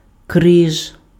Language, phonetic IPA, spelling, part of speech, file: Ukrainian, [krɪʒ], криж, noun, Uk-криж.ogg
- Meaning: 1. cross 2. loins